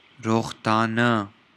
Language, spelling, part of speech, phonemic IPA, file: Pashto, روغتانۀ, noun, /roɣt̪ɑnə/, Ps-روغتانۀ.oga
- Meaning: plural of روغتون